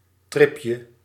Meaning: diminutive of trip
- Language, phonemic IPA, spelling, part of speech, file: Dutch, /ˈtrɪpjə/, tripje, noun, Nl-tripje.ogg